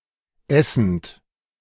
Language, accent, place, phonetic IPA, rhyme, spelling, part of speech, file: German, Germany, Berlin, [ˈɛsn̩t], -ɛsn̩t, essend, verb, De-essend.ogg
- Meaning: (verb) present participle of essen; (adjective) eating